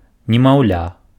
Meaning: infant, baby
- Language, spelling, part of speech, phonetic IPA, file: Belarusian, немаўля, noun, [nʲemau̯ˈlʲa], Be-немаўля.ogg